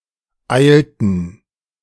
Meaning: inflection of eilen: 1. first/third-person plural preterite 2. first/third-person plural subjunctive II
- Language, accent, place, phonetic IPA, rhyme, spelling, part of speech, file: German, Germany, Berlin, [ˈaɪ̯ltn̩], -aɪ̯ltn̩, eilten, verb, De-eilten.ogg